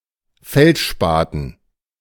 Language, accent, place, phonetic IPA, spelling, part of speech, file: German, Germany, Berlin, [ˈfɛltˌʃpaːtn̩], Feldspaten, noun, De-Feldspaten.ogg
- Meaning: 1. dative plural of Feldspat 2. entrenching tool